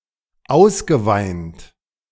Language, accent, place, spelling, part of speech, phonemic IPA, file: German, Germany, Berlin, ausgeweint, verb, /ˈaʊ̯sɡəˌvaɪ̯nt/, De-ausgeweint.ogg
- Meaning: past participle of ausweinen